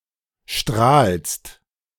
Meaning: second-person singular present of strahlen
- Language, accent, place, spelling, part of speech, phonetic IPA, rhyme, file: German, Germany, Berlin, strahlst, verb, [ʃtʁaːlst], -aːlst, De-strahlst.ogg